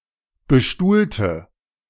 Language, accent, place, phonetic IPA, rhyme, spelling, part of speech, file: German, Germany, Berlin, [bəˈʃtuːltə], -uːltə, bestuhlte, adjective / verb, De-bestuhlte.ogg
- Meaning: inflection of bestuhlen: 1. first/third-person singular preterite 2. first/third-person singular subjunctive II